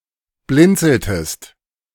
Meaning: inflection of blinzeln: 1. second-person singular preterite 2. second-person singular subjunctive II
- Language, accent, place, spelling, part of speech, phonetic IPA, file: German, Germany, Berlin, blinzeltest, verb, [ˈblɪnt͡sl̩təst], De-blinzeltest.ogg